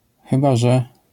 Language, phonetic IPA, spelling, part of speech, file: Polish, [ˈxɨba ˈʒɛ], chyba że, phrase, LL-Q809 (pol)-chyba że.wav